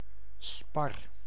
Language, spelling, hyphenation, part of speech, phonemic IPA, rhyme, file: Dutch, spar, spar, noun / verb, /spɑr/, -ɑr, Nl-spar.ogg
- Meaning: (noun) spruce; certain tree of the family Pinaceae, especially of the genus Picea, but also used for trees of the genera Abies, Tsuga and Pseudotsuga